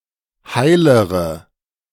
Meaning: inflection of heil: 1. strong/mixed nominative/accusative feminine singular comparative degree 2. strong nominative/accusative plural comparative degree
- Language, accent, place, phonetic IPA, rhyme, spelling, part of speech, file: German, Germany, Berlin, [ˈhaɪ̯ləʁə], -aɪ̯ləʁə, heilere, adjective, De-heilere.ogg